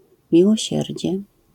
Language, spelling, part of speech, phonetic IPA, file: Polish, miłosierdzie, noun, [ˌmʲiwɔˈɕɛrʲd͡ʑɛ], LL-Q809 (pol)-miłosierdzie.wav